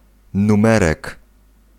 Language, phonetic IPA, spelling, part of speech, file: Polish, [nũˈmɛrɛk], numerek, noun, Pl-numerek.ogg